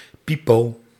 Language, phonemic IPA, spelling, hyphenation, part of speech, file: Dutch, /ˈpi.poː/, pipo, pi‧po, noun, Nl-pipo.ogg
- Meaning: oddball, whacko